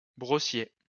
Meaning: a person who makes or sells brushes, a brushmaker
- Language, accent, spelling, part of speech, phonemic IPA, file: French, France, brossier, noun, /bʁɔ.sje/, LL-Q150 (fra)-brossier.wav